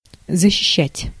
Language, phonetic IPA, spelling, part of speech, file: Russian, [zəɕːɪˈɕːætʲ], защищать, verb, Ru-защищать.ogg
- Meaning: 1. to defend, to guard, to protect 2. to speak in support (of), to stand up for, to support, to vindicate, to advocate 3. to defend, to plead for (in a court of law)